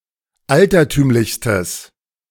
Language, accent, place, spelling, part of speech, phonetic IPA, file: German, Germany, Berlin, altertümlichstes, adjective, [ˈaltɐˌtyːmlɪçstəs], De-altertümlichstes.ogg
- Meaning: strong/mixed nominative/accusative neuter singular superlative degree of altertümlich